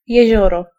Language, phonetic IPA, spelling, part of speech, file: Polish, [jɛ̇ˈʑɔrɔ], jezioro, noun, Pl-jezioro.ogg